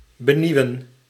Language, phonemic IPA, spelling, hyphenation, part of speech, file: Dutch, /bəˈniu̯ə(n)/, benieuwen, be‧nieu‧wen, verb, Nl-benieuwen.ogg
- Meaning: to arouse a feeling of curiosity or longing to see, hear or understand something